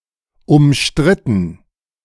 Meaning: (verb) past participle of umstreiten; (adjective) 1. controversial 2. disputed
- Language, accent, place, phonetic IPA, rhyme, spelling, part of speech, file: German, Germany, Berlin, [ʊmˈʃtʁɪtn̩], -ɪtn̩, umstritten, adjective / verb, De-umstritten.ogg